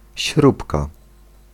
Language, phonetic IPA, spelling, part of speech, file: Polish, [ˈɕrupka], śrubka, noun, Pl-śrubka.ogg